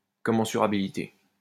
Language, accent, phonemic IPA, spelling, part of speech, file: French, France, /kɔ.mɑ̃.sy.ʁa.bi.li.te/, commensurabilité, noun, LL-Q150 (fra)-commensurabilité.wav
- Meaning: commensurability